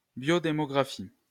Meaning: biodemography
- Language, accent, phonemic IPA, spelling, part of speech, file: French, France, /bjo.de.mɔ.ɡʁa.fi/, biodémographie, noun, LL-Q150 (fra)-biodémographie.wav